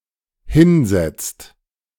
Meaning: inflection of hinsetzen: 1. second/third-person singular dependent present 2. second-person plural dependent present
- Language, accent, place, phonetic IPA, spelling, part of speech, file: German, Germany, Berlin, [ˈhɪnˌzɛt͡st], hinsetzt, verb, De-hinsetzt.ogg